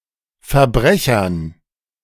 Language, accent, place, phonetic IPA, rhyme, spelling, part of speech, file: German, Germany, Berlin, [fɛɐ̯ˈbʁɛçɐn], -ɛçɐn, Verbrechern, noun, De-Verbrechern.ogg
- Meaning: dative plural of Verbrecher